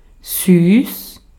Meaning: 1. sweet 2. cute
- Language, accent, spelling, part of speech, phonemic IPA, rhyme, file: German, Austria, süß, adjective, /syːs/, -yːs, De-at-süß.ogg